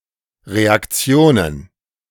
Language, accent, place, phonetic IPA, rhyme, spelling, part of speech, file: German, Germany, Berlin, [ˌʁeakˈt͡si̯oːnən], -oːnən, Reaktionen, noun, De-Reaktionen.ogg
- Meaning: plural of Reaktion